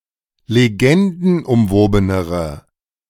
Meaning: inflection of legendenumwoben: 1. strong/mixed nominative/accusative feminine singular comparative degree 2. strong nominative/accusative plural comparative degree
- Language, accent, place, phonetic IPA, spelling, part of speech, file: German, Germany, Berlin, [leˈɡɛndn̩ʔʊmˌvoːbənəʁə], legendenumwobenere, adjective, De-legendenumwobenere.ogg